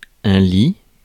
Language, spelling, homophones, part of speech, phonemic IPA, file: French, lit, li / lie / lient / lies / lis / lits, noun / verb, /li/, Fr-lit.ogg
- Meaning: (noun) 1. bed 2. layer; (verb) third-person singular present indicative of lire